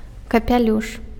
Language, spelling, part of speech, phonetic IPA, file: Belarusian, капялюш, noun, [kapʲaˈlʲuʂ], Be-капялюш.ogg
- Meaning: hat